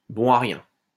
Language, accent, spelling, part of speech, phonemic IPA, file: French, France, bon à rien, noun, /bɔ̃ a ʁjɛ̃/, LL-Q150 (fra)-bon à rien.wav
- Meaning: a good-for-nothing person